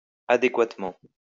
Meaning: adequately
- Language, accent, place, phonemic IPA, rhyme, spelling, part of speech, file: French, France, Lyon, /a.de.kwat.mɑ̃/, -ɑ̃, adéquatement, adverb, LL-Q150 (fra)-adéquatement.wav